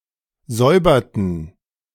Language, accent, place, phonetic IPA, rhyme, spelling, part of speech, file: German, Germany, Berlin, [ˈzɔɪ̯bɐtn̩], -ɔɪ̯bɐtn̩, säuberten, verb, De-säuberten.ogg
- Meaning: inflection of säubern: 1. first/third-person plural preterite 2. first/third-person plural subjunctive II